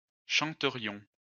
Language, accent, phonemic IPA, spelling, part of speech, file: French, France, /ʃɑ̃.tə.ʁjɔ̃/, chanterions, verb, LL-Q150 (fra)-chanterions.wav
- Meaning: first-person plural conditional of chanter